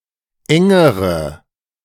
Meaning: inflection of eng: 1. strong/mixed nominative/accusative feminine singular comparative degree 2. strong nominative/accusative plural comparative degree
- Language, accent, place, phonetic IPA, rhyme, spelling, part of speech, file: German, Germany, Berlin, [ˈɛŋəʁə], -ɛŋəʁə, engere, adjective, De-engere.ogg